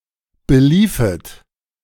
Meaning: second-person plural subjunctive II of belaufen
- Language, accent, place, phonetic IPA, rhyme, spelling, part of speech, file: German, Germany, Berlin, [bəˈliːfət], -iːfət, beliefet, verb, De-beliefet.ogg